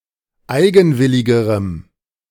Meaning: strong dative masculine/neuter singular comparative degree of eigenwillig
- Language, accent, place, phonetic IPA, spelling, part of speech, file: German, Germany, Berlin, [ˈaɪ̯ɡn̩ˌvɪlɪɡəʁəm], eigenwilligerem, adjective, De-eigenwilligerem.ogg